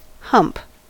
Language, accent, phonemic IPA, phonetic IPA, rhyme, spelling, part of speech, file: English, US, /hʌmp/, [hɐmp], -ʌmp, hump, noun / verb, En-us-hump.ogg
- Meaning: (noun) 1. A mound of earth 2. A speed bump or speed hump 3. A deformity in humans caused by abnormal curvature of the upper spine 4. A rounded fleshy mass, such as on a camel or zebu